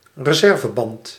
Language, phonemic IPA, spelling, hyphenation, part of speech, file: Dutch, /rəˈzɛr.vəˌbɑnt/, reserveband, re‧ser‧ve‧band, noun, Nl-reserveband.ogg
- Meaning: a spare tyre